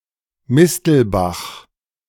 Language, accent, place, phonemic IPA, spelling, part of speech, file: German, Germany, Berlin, /ˈmɪstl̩ˌbax/, Mistelbach, proper noun, De-Mistelbach.ogg
- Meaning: 1. a municipality of Lower Austria, Austria 2. a municipality of Bayreuth district, Upper Franconia region, Bavaria